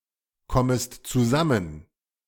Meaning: second-person singular subjunctive I of zusammenkommen
- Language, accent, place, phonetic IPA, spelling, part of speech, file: German, Germany, Berlin, [ˌkɔməst t͡suˈzamən], kommest zusammen, verb, De-kommest zusammen.ogg